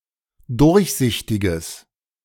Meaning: strong/mixed nominative/accusative neuter singular of durchsichtig
- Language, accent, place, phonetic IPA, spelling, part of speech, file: German, Germany, Berlin, [ˈdʊʁçˌzɪçtɪɡəs], durchsichtiges, adjective, De-durchsichtiges.ogg